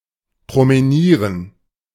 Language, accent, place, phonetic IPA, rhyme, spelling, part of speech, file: German, Germany, Berlin, [pʁoməˈniːʁən], -iːʁən, promenieren, verb, De-promenieren.ogg
- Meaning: to promenade